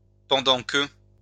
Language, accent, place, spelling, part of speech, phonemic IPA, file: French, France, Lyon, pendant que, conjunction, /pɑ̃.dɑ̃ kə/, LL-Q150 (fra)-pendant que.wav
- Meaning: while, whilst, as